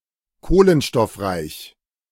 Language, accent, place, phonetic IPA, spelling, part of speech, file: German, Germany, Berlin, [ˈkoːlənʃtɔfˌʁaɪ̯ç], kohlenstoffreich, adjective, De-kohlenstoffreich.ogg
- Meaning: carbon-rich (high in carbon)